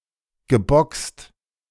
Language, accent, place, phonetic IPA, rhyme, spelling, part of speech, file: German, Germany, Berlin, [ɡəˈbɔkst], -ɔkst, geboxt, verb, De-geboxt.ogg
- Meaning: past participle of boxen